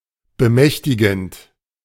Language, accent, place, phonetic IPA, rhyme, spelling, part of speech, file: German, Germany, Berlin, [bəˈmɛçtɪɡn̩t], -ɛçtɪɡn̩t, bemächtigend, verb, De-bemächtigend.ogg
- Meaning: present participle of bemächtigen